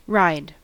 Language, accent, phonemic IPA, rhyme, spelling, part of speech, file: English, General American, /ɹaɪd/, -aɪd, ride, verb / noun, En-us-ride.ogg
- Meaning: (verb) 1. To transport oneself by sitting on and directing a horse, later also a bicycle etc 2. To be transported in a vehicle; to travel as a passenger 3. To transport (someone) in a vehicle